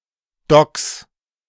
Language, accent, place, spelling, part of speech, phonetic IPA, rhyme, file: German, Germany, Berlin, Docks, noun, [dɔks], -ɔks, De-Docks.ogg
- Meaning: plural of Dock